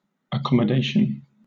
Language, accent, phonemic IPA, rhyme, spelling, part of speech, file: English, Southern England, /əˌkɒm.əˈdeɪ.ʃən/, -eɪʃən, accommodation, noun, LL-Q1860 (eng)-accommodation.wav
- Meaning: Lodging in a dwelling or similar living quarters afforded to travellers in hotels or on cruise ships, or students, etc